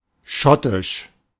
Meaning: Scottish
- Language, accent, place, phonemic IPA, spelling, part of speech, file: German, Germany, Berlin, /ˈʃɔtɪʃ/, schottisch, adjective, De-schottisch.ogg